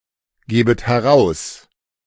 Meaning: second-person plural subjunctive I of herausgeben
- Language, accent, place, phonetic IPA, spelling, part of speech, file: German, Germany, Berlin, [ˌɡeːbət hɛˈʁaʊ̯s], gebet heraus, verb, De-gebet heraus.ogg